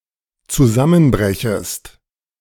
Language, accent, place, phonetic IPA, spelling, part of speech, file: German, Germany, Berlin, [t͡suˈzamənˌbʁɛçəst], zusammenbrechest, verb, De-zusammenbrechest.ogg
- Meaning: second-person singular dependent subjunctive I of zusammenbrechen